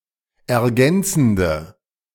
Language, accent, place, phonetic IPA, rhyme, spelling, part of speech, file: German, Germany, Berlin, [ɛɐ̯ˈɡɛnt͡sn̩də], -ɛnt͡sn̩də, ergänzende, adjective, De-ergänzende.ogg
- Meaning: inflection of ergänzend: 1. strong/mixed nominative/accusative feminine singular 2. strong nominative/accusative plural 3. weak nominative all-gender singular